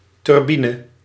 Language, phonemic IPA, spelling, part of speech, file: Dutch, /tʏrˈbinə/, turbine, noun, Nl-turbine.ogg
- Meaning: turbine